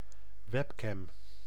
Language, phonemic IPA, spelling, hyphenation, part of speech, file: Dutch, /ˈʋɛp.kɛm/, webcam, web‧cam, noun, Nl-webcam.ogg
- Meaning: webcam